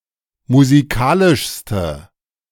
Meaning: inflection of musikalisch: 1. strong/mixed nominative/accusative feminine singular superlative degree 2. strong nominative/accusative plural superlative degree
- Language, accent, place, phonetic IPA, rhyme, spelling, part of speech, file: German, Germany, Berlin, [muziˈkaːlɪʃstə], -aːlɪʃstə, musikalischste, adjective, De-musikalischste.ogg